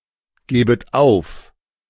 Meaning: second-person plural subjunctive I of aufgeben
- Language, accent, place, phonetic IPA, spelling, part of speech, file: German, Germany, Berlin, [ˌɡeːbət ˈaʊ̯f], gebet auf, verb, De-gebet auf.ogg